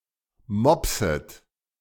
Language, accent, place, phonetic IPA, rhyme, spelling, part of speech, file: German, Germany, Berlin, [ˈmɔpsət], -ɔpsət, mopset, verb, De-mopset.ogg
- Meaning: second-person plural subjunctive I of mopsen